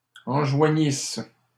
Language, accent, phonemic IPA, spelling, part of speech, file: French, Canada, /ɑ̃.ʒwa.ɲis/, enjoignissent, verb, LL-Q150 (fra)-enjoignissent.wav
- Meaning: third-person plural imperfect subjunctive of enjoindre